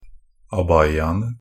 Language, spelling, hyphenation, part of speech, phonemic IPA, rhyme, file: Norwegian Bokmål, abayaene, ab‧ay‧a‧en‧e, noun, /aˈbajːaənə/, -ənə, NB - Pronunciation of Norwegian Bokmål «abayaene».ogg
- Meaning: definite plural of abaya